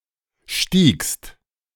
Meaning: second-person singular preterite of steigen
- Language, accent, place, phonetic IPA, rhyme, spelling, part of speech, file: German, Germany, Berlin, [ʃtiːkst], -iːkst, stiegst, verb, De-stiegst.ogg